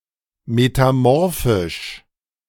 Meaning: synonym of metamorph
- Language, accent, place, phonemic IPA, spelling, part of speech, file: German, Germany, Berlin, /metaˈmɔʁfɪʃ/, metamorphisch, adjective, De-metamorphisch.ogg